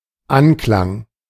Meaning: 1. appeal, approval 2. reminiscence
- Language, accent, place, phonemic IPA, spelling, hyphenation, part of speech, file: German, Germany, Berlin, /ˈanˌklaŋ/, Anklang, An‧klang, noun, De-Anklang.ogg